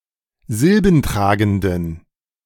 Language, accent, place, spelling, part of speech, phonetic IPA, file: German, Germany, Berlin, silbentragenden, adjective, [ˈzɪlbn̩ˌtʁaːɡn̩dən], De-silbentragenden.ogg
- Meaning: inflection of silbentragend: 1. strong genitive masculine/neuter singular 2. weak/mixed genitive/dative all-gender singular 3. strong/weak/mixed accusative masculine singular 4. strong dative plural